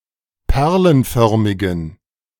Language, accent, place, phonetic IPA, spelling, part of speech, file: German, Germany, Berlin, [ˈpɛʁlənˌfœʁmɪɡn̩], perlenförmigen, adjective, De-perlenförmigen.ogg
- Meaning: inflection of perlenförmig: 1. strong genitive masculine/neuter singular 2. weak/mixed genitive/dative all-gender singular 3. strong/weak/mixed accusative masculine singular 4. strong dative plural